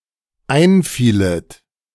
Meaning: second-person plural dependent subjunctive II of einfallen
- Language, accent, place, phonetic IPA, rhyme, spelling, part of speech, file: German, Germany, Berlin, [ˈaɪ̯nˌfiːlət], -aɪ̯nfiːlət, einfielet, verb, De-einfielet.ogg